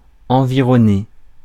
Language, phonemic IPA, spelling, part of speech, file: French, /ɑ̃.vi.ʁɔ.ne/, environner, verb, Fr-environner.ogg
- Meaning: to surround, to encircle